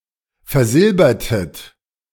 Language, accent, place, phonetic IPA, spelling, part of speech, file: German, Germany, Berlin, [fɛɐ̯ˈzɪlbɐtət], versilbertet, verb, De-versilbertet.ogg
- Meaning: inflection of versilbern: 1. second-person plural preterite 2. second-person plural subjunctive II